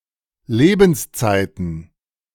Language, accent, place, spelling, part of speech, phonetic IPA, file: German, Germany, Berlin, Lebenszeiten, noun, [ˈleːbn̩sˌt͡saɪ̯tn̩], De-Lebenszeiten.ogg
- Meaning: plural of Lebenszeit